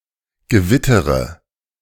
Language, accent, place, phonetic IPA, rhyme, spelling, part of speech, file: German, Germany, Berlin, [ɡəˈvɪtəʁə], -ɪtəʁə, gewittere, verb, De-gewittere.ogg
- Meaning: first-person singular present of gewittern